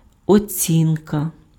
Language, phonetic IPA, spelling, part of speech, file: Ukrainian, [oˈt͡sʲinkɐ], оцінка, noun, Uk-оцінка.ogg
- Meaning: 1. assessment, appraisal, estimate, evaluation, rating 2. grade, mark, score